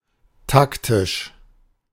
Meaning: tactical
- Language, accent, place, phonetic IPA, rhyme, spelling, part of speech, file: German, Germany, Berlin, [ˈtaktɪʃ], -aktɪʃ, taktisch, adjective, De-taktisch.ogg